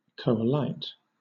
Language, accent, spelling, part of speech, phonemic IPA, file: English, Southern England, coalite, verb, /ˌkəʊ.əˈlaɪt/, LL-Q1860 (eng)-coalite.wav
- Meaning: 1. To cause to unite or coalesce 2. To unite or coalesce 3. To form a political coalition